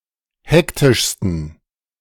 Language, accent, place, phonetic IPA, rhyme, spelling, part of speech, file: German, Germany, Berlin, [ˈhɛktɪʃstn̩], -ɛktɪʃstn̩, hektischsten, adjective, De-hektischsten.ogg
- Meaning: 1. superlative degree of hektisch 2. inflection of hektisch: strong genitive masculine/neuter singular superlative degree